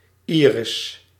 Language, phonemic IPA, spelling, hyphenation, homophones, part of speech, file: Dutch, /ˈiː.rɪs/, iris, iris, Iris, noun, Nl-iris.ogg
- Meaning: 1. iris (coloured part of the eye) 2. synonym of lis (“plant of genus Iris”)